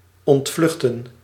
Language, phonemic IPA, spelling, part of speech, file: Dutch, /ˌɔntˈvlʏx.tə(n)/, ontvluchten, verb, Nl-ontvluchten.ogg
- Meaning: to flee